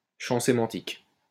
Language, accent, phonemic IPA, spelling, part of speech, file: French, France, /ʃɑ̃ se.mɑ̃.tik/, champ sémantique, noun, LL-Q150 (fra)-champ sémantique.wav
- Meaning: semantic field